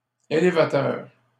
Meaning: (adjective) lifting; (noun) 1. elevator 2. forklift
- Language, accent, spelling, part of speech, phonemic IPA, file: French, Canada, élévateur, adjective / noun, /e.le.va.tœʁ/, LL-Q150 (fra)-élévateur.wav